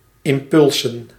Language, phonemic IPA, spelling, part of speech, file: Dutch, /ɪmˈpʏlsə(n)/, impulsen, noun, Nl-impulsen.ogg
- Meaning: plural of impuls